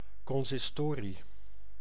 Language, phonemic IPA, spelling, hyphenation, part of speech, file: Dutch, /ˌkɔnsɪsˈtoːri/, consistorie, con‧sis‧to‧rie, noun, Nl-consistorie.ogg
- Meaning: 1. consistory: meeting of the College of Cardinals 2. consistory: congregational council 3. consistory, room where such a church council usually gathers for meetings